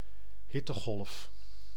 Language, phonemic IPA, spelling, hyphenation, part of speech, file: Dutch, /ˈɦɪ.təˌɣɔlf/, hittegolf, hit‧te‧golf, noun, Nl-hittegolf.ogg
- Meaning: heat wave, hot spell